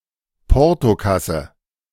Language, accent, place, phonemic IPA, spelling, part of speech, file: German, Germany, Berlin, /ˈpɔʁtoˌkasə/, Portokasse, noun, De-Portokasse.ogg
- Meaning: 1. a cash box at a shop or office used to pay for postage 2. petty cash, change, peanuts, any small amount of money